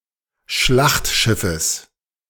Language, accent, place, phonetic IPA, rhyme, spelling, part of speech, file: German, Germany, Berlin, [ˈʃlaxtˌʃɪfəs], -axtʃɪfəs, Schlachtschiffes, noun, De-Schlachtschiffes.ogg
- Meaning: genitive singular of Schlachtschiff